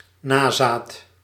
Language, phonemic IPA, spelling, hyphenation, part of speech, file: Dutch, /ˈnaː.zaːt/, nazaat, na‧zaat, noun, Nl-nazaat.ogg
- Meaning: 1. descendant 2. child, scion, spawn 3. successor